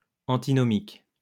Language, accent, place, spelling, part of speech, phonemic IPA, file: French, France, Lyon, antinomique, adjective, /ɑ̃.ti.nɔ.mik/, LL-Q150 (fra)-antinomique.wav
- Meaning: antinomic